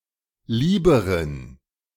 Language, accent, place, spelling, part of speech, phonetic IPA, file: German, Germany, Berlin, lieberen, adjective, [ˈliːbəʁən], De-lieberen.ogg
- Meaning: inflection of lieb: 1. strong genitive masculine/neuter singular comparative degree 2. weak/mixed genitive/dative all-gender singular comparative degree